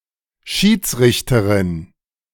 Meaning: judge
- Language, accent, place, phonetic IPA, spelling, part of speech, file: German, Germany, Berlin, [ˈʃiːt͡sˌʁɪçtəʁɪn], Schiedsrichterin, noun, De-Schiedsrichterin.ogg